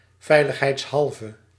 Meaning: 1. just in case, in order to be on the safe side 2. for reasons of safety or security
- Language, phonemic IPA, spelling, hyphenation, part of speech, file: Dutch, /ˌvɛiləxhɛitsˈhɑlvə/, veiligheidshalve, vei‧lig‧heids‧hal‧ve, adverb, Nl-veiligheidshalve.ogg